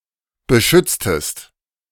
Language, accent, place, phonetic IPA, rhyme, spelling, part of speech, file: German, Germany, Berlin, [bəˈʃʏt͡stəst], -ʏt͡stəst, beschütztest, verb, De-beschütztest.ogg
- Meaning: inflection of beschützen: 1. second-person singular preterite 2. second-person singular subjunctive II